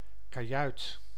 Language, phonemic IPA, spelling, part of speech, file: Dutch, /kaˈjœyt/, kajuit, noun, Nl-kajuit.ogg
- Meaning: cabin on a ship